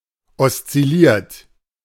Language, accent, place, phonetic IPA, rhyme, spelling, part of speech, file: German, Germany, Berlin, [ɔst͡sɪˈliːɐ̯t], -iːɐ̯t, oszilliert, verb, De-oszilliert.ogg
- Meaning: 1. past participle of oszillieren 2. inflection of oszillieren: third-person singular present 3. inflection of oszillieren: second-person plural present 4. inflection of oszillieren: plural imperative